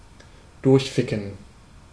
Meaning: 1. to fuck through(out), to fuck someone's brains out (to give long and hard intercourse) 2. to be fucked (to receive long and hard intercourse through someone/something) 3. to be fucked up
- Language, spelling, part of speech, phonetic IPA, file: German, durchficken, verb, [ˈdʊʁçˌfɪkn̩], De-durchficken.ogg